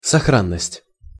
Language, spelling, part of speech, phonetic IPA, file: Russian, сохранность, noun, [sɐˈxranːəsʲtʲ], Ru-сохранность.ogg
- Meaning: 1. safety 2. integrity